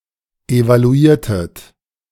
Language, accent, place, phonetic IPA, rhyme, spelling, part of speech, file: German, Germany, Berlin, [evaluˈiːɐ̯tət], -iːɐ̯tət, evaluiertet, verb, De-evaluiertet.ogg
- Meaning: inflection of evaluieren: 1. second-person plural preterite 2. second-person plural subjunctive II